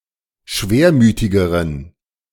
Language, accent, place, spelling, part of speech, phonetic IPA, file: German, Germany, Berlin, schwermütigeren, adjective, [ˈʃveːɐ̯ˌmyːtɪɡəʁən], De-schwermütigeren.ogg
- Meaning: inflection of schwermütig: 1. strong genitive masculine/neuter singular comparative degree 2. weak/mixed genitive/dative all-gender singular comparative degree